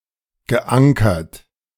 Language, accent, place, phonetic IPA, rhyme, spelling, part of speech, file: German, Germany, Berlin, [ɡəˈʔaŋkɐt], -aŋkɐt, geankert, verb, De-geankert.ogg
- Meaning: past participle of ankern